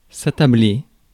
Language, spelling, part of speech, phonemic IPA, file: French, attabler, verb, /a.ta.ble/, Fr-attabler.ogg
- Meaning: to sit down at the table